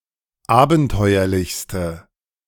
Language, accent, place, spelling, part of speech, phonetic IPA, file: German, Germany, Berlin, abenteuerlichste, adjective, [ˈaːbn̩ˌtɔɪ̯ɐlɪçstə], De-abenteuerlichste.ogg
- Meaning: inflection of abenteuerlich: 1. strong/mixed nominative/accusative feminine singular superlative degree 2. strong nominative/accusative plural superlative degree